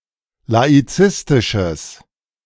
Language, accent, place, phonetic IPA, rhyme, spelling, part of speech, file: German, Germany, Berlin, [laiˈt͡sɪstɪʃəs], -ɪstɪʃəs, laizistisches, adjective, De-laizistisches.ogg
- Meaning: strong/mixed nominative/accusative neuter singular of laizistisch